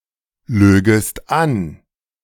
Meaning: second-person singular subjunctive II of anlügen
- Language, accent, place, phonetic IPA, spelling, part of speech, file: German, Germany, Berlin, [ˌløːɡəst ˈan], lögest an, verb, De-lögest an.ogg